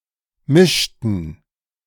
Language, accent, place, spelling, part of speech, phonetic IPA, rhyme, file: German, Germany, Berlin, mischten, verb, [ˈmɪʃtn̩], -ɪʃtn̩, De-mischten.ogg
- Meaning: inflection of mischen: 1. first/third-person plural preterite 2. first/third-person plural subjunctive II